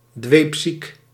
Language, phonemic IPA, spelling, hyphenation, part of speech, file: Dutch, /ˈdʋeːp.sik/, dweepziek, dweep‧ziek, adjective, Nl-dweepziek.ogg
- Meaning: 1. excessively adoring 2. zealous, fanatical